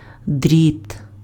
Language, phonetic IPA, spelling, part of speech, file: Ukrainian, [dʲrʲit], дріт, noun, Uk-дріт.ogg
- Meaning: wire